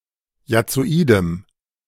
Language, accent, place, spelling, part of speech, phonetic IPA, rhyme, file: German, Germany, Berlin, jazzoidem, adjective, [jat͡soˈiːdəm], -iːdəm, De-jazzoidem.ogg
- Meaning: strong dative masculine/neuter singular of jazzoid